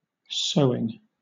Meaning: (verb) present participle and gerund of sew; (noun) 1. The action of the verb to sew 2. Something that is being or has been sewn
- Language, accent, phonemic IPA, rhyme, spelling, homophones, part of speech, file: English, Southern England, /ˈsəʊɪŋ/, -əʊɪŋ, sewing, sowing, verb / noun, LL-Q1860 (eng)-sewing.wav